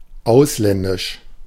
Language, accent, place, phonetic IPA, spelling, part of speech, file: German, Germany, Berlin, [ˈaʊ̯slɛndɪʃ], ausländisch, adjective, De-ausländisch.ogg
- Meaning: foreign